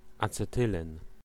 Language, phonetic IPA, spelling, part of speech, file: Polish, [ˌat͡sɛˈtɨlɛ̃n], acetylen, noun, Pl-acetylen.ogg